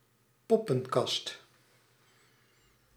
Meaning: 1. a portable puppet theatre and puppets for use in it 2. a puppet-show, notably of the Punch and Judy type 3. a bad, excessive or hilarious 'show', pointlessly theatrical conduct
- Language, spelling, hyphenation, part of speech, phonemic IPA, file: Dutch, poppenkast, pop‧pen‧kast, noun, /ˈpɔ.pə(n)ˌkɑst/, Nl-poppenkast.ogg